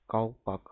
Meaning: high-crowned cap: cook cap, calpack, kalpak, fool's cap, nightcap etc
- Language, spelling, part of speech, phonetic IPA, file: Russian, колпак, noun, [kɐɫˈpak], Ru-колпак.ogg